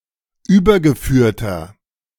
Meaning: inflection of übergeführt: 1. strong/mixed nominative masculine singular 2. strong genitive/dative feminine singular 3. strong genitive plural
- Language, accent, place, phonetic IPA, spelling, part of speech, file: German, Germany, Berlin, [ˈyːbɐɡəˌfyːɐ̯tɐ], übergeführter, adjective, De-übergeführter.ogg